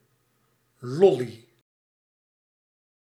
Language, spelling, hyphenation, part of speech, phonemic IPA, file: Dutch, lolly, lol‧ly, noun, /ˈlɔ.li/, Nl-lolly.ogg
- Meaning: 1. lollipop, lolly 2. penis